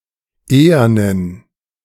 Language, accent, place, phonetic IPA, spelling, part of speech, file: German, Germany, Berlin, [ˈeːɐnən], ehernen, adjective, De-ehernen.ogg
- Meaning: inflection of ehern: 1. strong genitive masculine/neuter singular 2. weak/mixed genitive/dative all-gender singular 3. strong/weak/mixed accusative masculine singular 4. strong dative plural